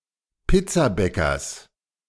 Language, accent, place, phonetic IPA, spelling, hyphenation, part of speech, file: German, Germany, Berlin, [ˈpɪt͡saˌbɛkɐs], Pizzabäckers, Piz‧za‧bä‧ckers, noun, De-Pizzabäckers.ogg
- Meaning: genitive singular of Pizzabäcker